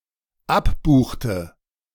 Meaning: inflection of abbuchen: 1. first/third-person singular dependent preterite 2. first/third-person singular dependent subjunctive II
- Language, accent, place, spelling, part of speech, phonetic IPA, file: German, Germany, Berlin, abbuchte, verb, [ˈapˌbuːxtə], De-abbuchte.ogg